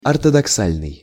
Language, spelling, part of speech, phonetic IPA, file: Russian, ортодоксальный, adjective, [ɐrtədɐkˈsalʲnɨj], Ru-ортодоксальный.ogg
- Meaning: orthodox